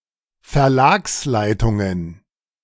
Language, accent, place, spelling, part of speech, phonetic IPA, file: German, Germany, Berlin, Verlagsleitungen, noun, [fɛɐ̯ˈlaːksˌlaɪ̯tʊŋən], De-Verlagsleitungen.ogg
- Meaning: plural of Verlagsleitung